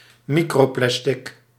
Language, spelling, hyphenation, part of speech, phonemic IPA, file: Dutch, microplastic, mi‧cro‧plas‧tic, noun, /ˈmi.kroːˌplɛs.tɪk/, Nl-microplastic.ogg
- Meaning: microplastic